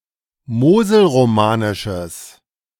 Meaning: strong/mixed nominative/accusative neuter singular of moselromanisch
- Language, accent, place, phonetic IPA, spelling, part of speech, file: German, Germany, Berlin, [ˈmoːzl̩ʁoˌmaːnɪʃəs], moselromanisches, adjective, De-moselromanisches.ogg